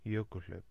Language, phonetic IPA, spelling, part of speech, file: Icelandic, [ˈjœːkʏl̥ˌl̥œip], jökulhlaup, noun, Is-jökulhlaup.ogg
- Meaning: A subglacial outburst flood, a run-off from a subglacial eruption, a debacle